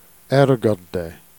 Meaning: alternative form of r'garder
- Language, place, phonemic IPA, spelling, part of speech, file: Jèrriais, Jersey, /ɛɹɡaɹde/, èrgarder, verb, Jer-èrgarder.ogg